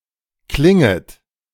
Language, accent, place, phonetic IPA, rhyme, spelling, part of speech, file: German, Germany, Berlin, [ˈklɪŋət], -ɪŋət, klinget, verb, De-klinget.ogg
- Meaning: second-person plural subjunctive I of klingen